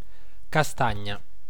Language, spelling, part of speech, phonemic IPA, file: Italian, castagna, noun, /kaˈstaɲɲa/, It-castagna.ogg